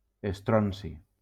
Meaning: strontium
- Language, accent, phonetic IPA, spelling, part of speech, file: Catalan, Valencia, [esˈtɾɔn.si], estronci, noun, LL-Q7026 (cat)-estronci.wav